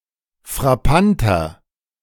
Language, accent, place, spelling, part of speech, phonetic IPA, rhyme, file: German, Germany, Berlin, frappanter, adjective, [fʁaˈpantɐ], -antɐ, De-frappanter.ogg
- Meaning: 1. comparative degree of frappant 2. inflection of frappant: strong/mixed nominative masculine singular 3. inflection of frappant: strong genitive/dative feminine singular